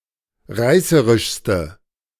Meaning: inflection of reißerisch: 1. strong/mixed nominative/accusative feminine singular superlative degree 2. strong nominative/accusative plural superlative degree
- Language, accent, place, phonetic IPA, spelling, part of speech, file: German, Germany, Berlin, [ˈʁaɪ̯səʁɪʃstə], reißerischste, adjective, De-reißerischste.ogg